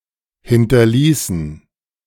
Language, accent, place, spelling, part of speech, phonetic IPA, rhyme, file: German, Germany, Berlin, hinterließen, verb, [ˌhɪntɐˈliːsn̩], -iːsn̩, De-hinterließen.ogg
- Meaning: inflection of hinterlassen: 1. first/third-person plural preterite 2. first/third-person plural subjunctive II